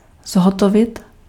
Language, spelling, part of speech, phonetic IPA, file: Czech, zhotovit, verb, [ˈzɦotovɪt], Cs-zhotovit.ogg
- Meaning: to make (to construct or produce)